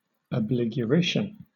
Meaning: Prodigal expenditure on food
- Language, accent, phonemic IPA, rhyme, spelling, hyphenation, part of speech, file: English, Southern England, /əˌblɪɡjʊˈɹɪʃən/, -ɪʃən, abligurition, ab‧lig‧u‧rit‧ion, noun, LL-Q1860 (eng)-abligurition.wav